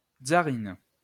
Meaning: plural of tzarine
- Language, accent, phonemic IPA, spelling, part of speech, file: French, France, /tsa.ʁist/, tzarines, noun, LL-Q150 (fra)-tzarines.wav